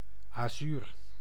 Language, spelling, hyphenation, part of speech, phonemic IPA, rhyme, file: Dutch, azuur, azuur, noun, /aːˈzyːr/, -yːr, Nl-azuur.ogg
- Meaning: 1. lapis lazuli, azure 2. azure, the blue colour of the sky 3. blue, azure